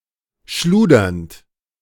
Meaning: present participle of schludern
- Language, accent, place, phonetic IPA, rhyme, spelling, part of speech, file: German, Germany, Berlin, [ˈʃluːdɐnt], -uːdɐnt, schludernd, verb, De-schludernd.ogg